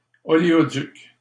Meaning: oil pipeline
- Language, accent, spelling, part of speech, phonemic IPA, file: French, Canada, oléoduc, noun, /ɔ.le.ɔ.dyk/, LL-Q150 (fra)-oléoduc.wav